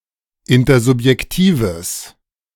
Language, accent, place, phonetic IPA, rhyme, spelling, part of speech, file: German, Germany, Berlin, [ˌɪntɐzʊpjɛkˈtiːvəs], -iːvəs, intersubjektives, adjective, De-intersubjektives.ogg
- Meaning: strong/mixed nominative/accusative neuter singular of intersubjektiv